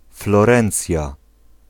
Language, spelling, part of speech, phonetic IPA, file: Polish, Florencja, proper noun, [flɔˈrɛ̃nt͡sʲja], Pl-Florencja.ogg